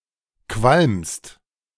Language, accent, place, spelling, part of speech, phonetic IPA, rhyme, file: German, Germany, Berlin, qualmst, verb, [kvalmst], -almst, De-qualmst.ogg
- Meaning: second-person singular present of qualmen